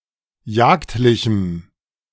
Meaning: strong dative masculine/neuter singular of jagdlich
- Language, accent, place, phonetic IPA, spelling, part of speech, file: German, Germany, Berlin, [ˈjaːktlɪçm̩], jagdlichem, adjective, De-jagdlichem.ogg